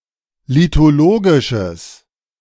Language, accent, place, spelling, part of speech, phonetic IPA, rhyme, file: German, Germany, Berlin, lithologisches, adjective, [litoˈloːɡɪʃəs], -oːɡɪʃəs, De-lithologisches.ogg
- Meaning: strong/mixed nominative/accusative neuter singular of lithologisch